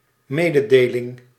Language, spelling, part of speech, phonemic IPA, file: Dutch, mededeling, noun, /ˈmeː.də.deː.lɪŋ/, Nl-mededeling.ogg
- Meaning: notice; communication; announcement